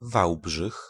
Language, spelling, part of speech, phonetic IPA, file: Polish, Wałbrzych, proper noun, [ˈvawbʒɨx], Pl-Wałbrzych.ogg